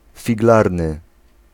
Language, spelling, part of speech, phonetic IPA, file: Polish, figlarny, adjective, [fʲiɡˈlarnɨ], Pl-figlarny.ogg